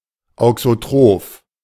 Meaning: auxotrophic
- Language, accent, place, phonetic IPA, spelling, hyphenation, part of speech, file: German, Germany, Berlin, [ˌaʊ̯ksoˈtʁoːf], auxotroph, au‧xo‧troph, adjective, De-auxotroph.ogg